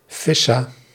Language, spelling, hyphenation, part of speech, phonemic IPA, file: Dutch, fissa, fis‧sa, noun, /fɪ.saː/, Nl-fissa.ogg
- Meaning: party